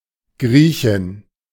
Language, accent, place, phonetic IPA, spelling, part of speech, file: German, Germany, Berlin, [ˈɡʁiːçɪn], Griechin, noun, De-Griechin.ogg
- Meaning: Greek (female inhabitant, etc., of Greece)